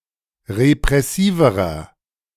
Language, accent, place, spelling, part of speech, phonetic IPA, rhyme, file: German, Germany, Berlin, repressiverer, adjective, [ʁepʁɛˈsiːvəʁɐ], -iːvəʁɐ, De-repressiverer.ogg
- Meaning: inflection of repressiv: 1. strong/mixed nominative masculine singular comparative degree 2. strong genitive/dative feminine singular comparative degree 3. strong genitive plural comparative degree